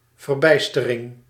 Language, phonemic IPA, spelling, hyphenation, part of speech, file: Dutch, /vərˈbɛi̯s.tə.rɪŋ/, verbijstering, ver‧bijs‧te‧ring, noun, Nl-verbijstering.ogg
- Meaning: consternation, astonishment, stupor